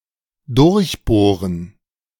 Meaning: to bore, drill through something
- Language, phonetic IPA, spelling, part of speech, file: German, [ˈdʊɐ̯çˌboːʁən], durchbohren, verb, De-durchbohren.ogg